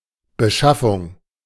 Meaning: 1. purchase, acquisition 2. obtaining, procurement
- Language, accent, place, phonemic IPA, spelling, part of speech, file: German, Germany, Berlin, /bəˈʃafʊŋ/, Beschaffung, noun, De-Beschaffung.ogg